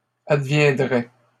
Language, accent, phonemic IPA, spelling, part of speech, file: French, Canada, /ad.vjɛ̃.dʁɛ/, adviendrait, verb, LL-Q150 (fra)-adviendrait.wav
- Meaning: third-person singular conditional of advenir